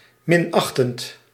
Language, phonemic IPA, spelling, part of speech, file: Dutch, /ˈmɪnɑxtənt/, minachtend, verb / adjective, Nl-minachtend.ogg
- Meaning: present participle of minachten